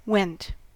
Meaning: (verb) 1. simple past of go 2. past participle of go 3. simple past and past participle of wend; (noun) A course; a way, a path; a journey
- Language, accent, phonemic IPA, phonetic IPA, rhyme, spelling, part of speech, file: English, US, /wɛnt/, [wɛnʔ(t̚)], -ɛnt, went, verb / noun, En-us-went.ogg